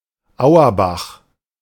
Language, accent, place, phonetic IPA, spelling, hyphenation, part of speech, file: German, Germany, Berlin, [ˈaʊ̯ɐˌbax], Auerbach, Au‧er‧bach, proper noun, De-Auerbach.ogg
- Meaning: 1. any of several brooks in Austria and Germany 2. any of several towns or town districts in Austria and Germany 3. a surname transferred from the place name